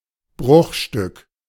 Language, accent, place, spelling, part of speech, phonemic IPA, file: German, Germany, Berlin, Bruchstück, noun, /ˈbʁʊxʃtʏk/, De-Bruchstück.ogg
- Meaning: 1. fragment, shard, splinter (piece of something broken) 2. snippet